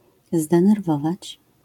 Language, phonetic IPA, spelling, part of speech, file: Polish, [ˌzdɛ̃nɛrˈvɔvat͡ɕ], zdenerwować, verb, LL-Q809 (pol)-zdenerwować.wav